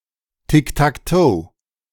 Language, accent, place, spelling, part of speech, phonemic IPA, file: German, Germany, Berlin, Tic-Tac-Toe, noun, /tɪk.takˈtoː/, De-Tic-Tac-Toe.ogg
- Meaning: tic-tac-toe; noughts and crosses